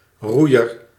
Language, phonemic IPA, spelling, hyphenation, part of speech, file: Dutch, /ˈrujər/, roeier, roei‧er, noun, Nl-roeier.ogg
- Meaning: rower